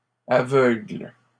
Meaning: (adjective) plural of aveugle; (verb) second-person singular present indicative/subjunctive of aveugler
- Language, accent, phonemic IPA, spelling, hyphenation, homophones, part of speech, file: French, Canada, /a.vœɡl/, aveugles, a‧veugles, aveugle / aveuglent, adjective / noun / verb, LL-Q150 (fra)-aveugles.wav